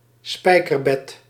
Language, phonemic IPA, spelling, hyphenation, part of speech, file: Dutch, /ˈspɛi̯.kərˌbɛt/, spijkerbed, spij‧ker‧bed, noun, Nl-spijkerbed.ogg
- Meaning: bed of nails